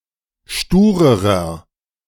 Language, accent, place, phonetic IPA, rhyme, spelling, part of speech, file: German, Germany, Berlin, [ˈʃtuːʁəʁɐ], -uːʁəʁɐ, sturerer, adjective, De-sturerer.ogg
- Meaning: inflection of stur: 1. strong/mixed nominative masculine singular comparative degree 2. strong genitive/dative feminine singular comparative degree 3. strong genitive plural comparative degree